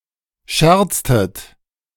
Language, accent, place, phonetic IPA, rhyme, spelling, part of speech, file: German, Germany, Berlin, [ˈʃɛʁt͡stət], -ɛʁt͡stət, scherztet, verb, De-scherztet.ogg
- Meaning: inflection of scherzen: 1. second-person plural preterite 2. second-person plural subjunctive II